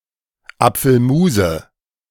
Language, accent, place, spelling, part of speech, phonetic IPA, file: German, Germany, Berlin, Apfelmuse, noun, [ˈap͡fl̩ˌmuːzə], De-Apfelmuse.ogg
- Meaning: nominative/accusative/genitive plural of Apfelmus